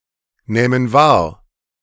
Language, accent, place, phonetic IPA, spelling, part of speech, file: German, Germany, Berlin, [ˌnɛːmən ˈvaːɐ̯], nähmen wahr, verb, De-nähmen wahr.ogg
- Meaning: first/third-person plural subjunctive II of wahrnehmen